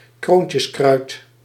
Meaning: sun spurge (Euphorbia helioscopia)
- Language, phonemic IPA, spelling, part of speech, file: Dutch, /ˈkroːn.tjəsˌkrœy̯t/, kroontjeskruid, noun, Nl-kroontjeskruid.ogg